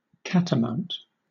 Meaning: 1. A wild animal of the family Felidae, especially the cougar, mountain lion or puma (Puma concolor) 2. Synonym of catamountain (“a leopard, a panther (Panthera pardus)”)
- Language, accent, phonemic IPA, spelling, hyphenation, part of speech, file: English, Southern England, /ˈkætəmaʊnt/, catamount, cat‧a‧mount, noun, LL-Q1860 (eng)-catamount.wav